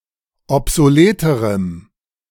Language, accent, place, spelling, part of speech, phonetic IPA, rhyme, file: German, Germany, Berlin, obsoleterem, adjective, [ɔpzoˈleːtəʁəm], -eːtəʁəm, De-obsoleterem.ogg
- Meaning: strong dative masculine/neuter singular comparative degree of obsolet